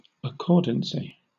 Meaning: accordance
- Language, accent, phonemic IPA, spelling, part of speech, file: English, Southern England, /əˈkɔː(ɹ)dənsi/, accordancy, noun, LL-Q1860 (eng)-accordancy.wav